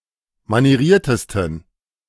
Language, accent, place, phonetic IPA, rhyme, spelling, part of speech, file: German, Germany, Berlin, [maniˈʁiːɐ̯təstn̩], -iːɐ̯təstn̩, manieriertesten, adjective, De-manieriertesten.ogg
- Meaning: 1. superlative degree of manieriert 2. inflection of manieriert: strong genitive masculine/neuter singular superlative degree